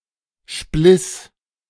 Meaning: first/third-person singular preterite of spleißen
- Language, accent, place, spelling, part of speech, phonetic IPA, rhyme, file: German, Germany, Berlin, spliss, verb, [ʃplɪs], -ɪs, De-spliss.ogg